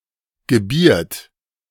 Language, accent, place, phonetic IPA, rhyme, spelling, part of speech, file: German, Germany, Berlin, [ɡəˈbiːɐ̯t], -iːɐ̯t, gebiert, verb, De-gebiert.ogg
- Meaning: third-person singular present of gebären